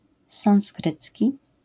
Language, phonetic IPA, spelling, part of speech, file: Polish, [sãw̃sˈkrɨt͡sʲci], sanskrycki, adjective, LL-Q809 (pol)-sanskrycki.wav